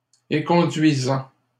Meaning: present participle of éconduire
- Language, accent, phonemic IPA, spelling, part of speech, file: French, Canada, /e.kɔ̃.dɥi.zɑ̃/, éconduisant, verb, LL-Q150 (fra)-éconduisant.wav